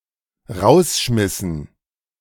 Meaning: dative plural of Rausschmiss
- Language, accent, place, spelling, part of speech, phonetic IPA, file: German, Germany, Berlin, Rausschmissen, noun, [ˈʁaʊ̯sˌʃmɪsn̩], De-Rausschmissen.ogg